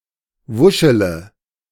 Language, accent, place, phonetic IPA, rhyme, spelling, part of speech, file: German, Germany, Berlin, [ˈvʊʃələ], -ʊʃələ, wuschele, verb, De-wuschele.ogg
- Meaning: inflection of wuscheln: 1. first-person singular present 2. first-person plural subjunctive I 3. third-person singular subjunctive I 4. singular imperative